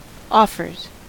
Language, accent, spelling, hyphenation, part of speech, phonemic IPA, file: English, US, offers, of‧fers, noun / verb, /ˈɔfɚz/, En-us-offers.ogg
- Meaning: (noun) plural of offer; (verb) third-person singular simple present indicative of offer